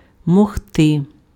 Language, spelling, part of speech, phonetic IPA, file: Ukrainian, могти, verb, [mɔɦˈtɪ], Uk-могти.ogg
- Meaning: to be able; can